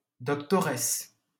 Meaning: female equivalent of docteur: female doctor
- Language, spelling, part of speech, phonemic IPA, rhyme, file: French, doctoresse, noun, /dɔk.tɔ.ʁɛs/, -ɛs, LL-Q150 (fra)-doctoresse.wav